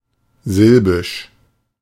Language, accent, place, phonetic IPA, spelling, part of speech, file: German, Germany, Berlin, [ˈzɪlbɪʃ], silbisch, adjective, De-silbisch.ogg
- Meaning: syllabic